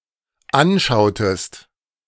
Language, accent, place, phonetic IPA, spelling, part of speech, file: German, Germany, Berlin, [ˈanˌʃaʊ̯təst], anschautest, verb, De-anschautest.ogg
- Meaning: inflection of anschauen: 1. second-person singular dependent preterite 2. second-person singular dependent subjunctive II